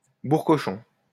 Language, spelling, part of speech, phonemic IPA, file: French, cochons, verb / noun, /kɔ.ʃɔ̃/, LL-Q150 (fra)-cochons.wav
- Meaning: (verb) inflection of cocher: 1. first-person plural present indicative 2. first-person plural imperative; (noun) plural of cochon